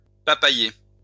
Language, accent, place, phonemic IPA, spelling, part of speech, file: French, France, Lyon, /pa.pa.je/, papayer, noun, LL-Q150 (fra)-papayer.wav
- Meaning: papaya tree